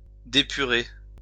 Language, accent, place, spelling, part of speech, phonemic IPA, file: French, France, Lyon, dépurer, verb, /de.py.ʁe/, LL-Q150 (fra)-dépurer.wav
- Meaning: to purify